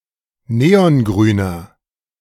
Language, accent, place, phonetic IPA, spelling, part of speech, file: German, Germany, Berlin, [ˈneːɔnˌɡʁyːnɐ], neongrüner, adjective, De-neongrüner.ogg
- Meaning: inflection of neongrün: 1. strong/mixed nominative masculine singular 2. strong genitive/dative feminine singular 3. strong genitive plural